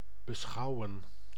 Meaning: 1. to contemplate 2. to consider, to regard
- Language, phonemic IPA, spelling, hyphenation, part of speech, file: Dutch, /bəˈsxɑu̯ə(n)/, beschouwen, be‧schou‧wen, verb, Nl-beschouwen.ogg